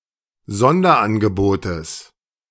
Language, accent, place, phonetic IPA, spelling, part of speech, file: German, Germany, Berlin, [ˈzɔndɐʔanɡəˌboːtəs], Sonderangebotes, noun, De-Sonderangebotes.ogg
- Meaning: genitive singular of Sonderangebot